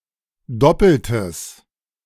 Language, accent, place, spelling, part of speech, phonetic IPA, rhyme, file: German, Germany, Berlin, doppeltes, adjective, [ˈdɔpl̩təs], -ɔpl̩təs, De-doppeltes.ogg
- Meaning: strong/mixed nominative/accusative neuter singular of doppelt